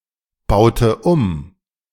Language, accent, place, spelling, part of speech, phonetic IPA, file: German, Germany, Berlin, baute um, verb, [ˌbaʊ̯tə ˈum], De-baute um.ogg
- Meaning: inflection of umbauen: 1. first/third-person singular preterite 2. first/third-person singular subjunctive II